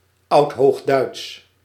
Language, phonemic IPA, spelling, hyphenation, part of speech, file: Dutch, /ˌɑut.ɦoːxˈdœy̯ts/, Oudhoogduits, Oud‧hoog‧duits, proper noun / adjective, Nl-Oudhoogduits.ogg
- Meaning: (proper noun) Old High German